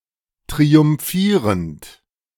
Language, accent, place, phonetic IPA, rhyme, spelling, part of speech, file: German, Germany, Berlin, [tʁiʊmˈfiːʁənt], -iːʁənt, triumphierend, verb, De-triumphierend.ogg
- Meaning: present participle of triumphieren